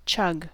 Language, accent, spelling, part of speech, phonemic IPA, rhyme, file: English, US, chug, noun / verb, /t͡ʃʌɡ/, -ʌɡ, En-us-chug.ogg
- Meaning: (noun) 1. A dull, fairly quick explosive or percussive sound, as if made by a labouring engine 2. A large gulp of drink